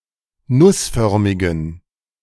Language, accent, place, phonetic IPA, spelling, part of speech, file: German, Germany, Berlin, [ˈnʊsˌfœʁmɪɡn̩], nussförmigen, adjective, De-nussförmigen.ogg
- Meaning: inflection of nussförmig: 1. strong genitive masculine/neuter singular 2. weak/mixed genitive/dative all-gender singular 3. strong/weak/mixed accusative masculine singular 4. strong dative plural